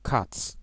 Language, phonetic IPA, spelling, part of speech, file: Polish, [kat͡s], kac, noun, Pl-kac.ogg